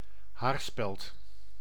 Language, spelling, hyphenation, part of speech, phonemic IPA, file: Dutch, haarspeld, haar‧speld, noun, /ˈɦaːr.spɛlt/, Nl-haarspeld.ogg
- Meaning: hairpin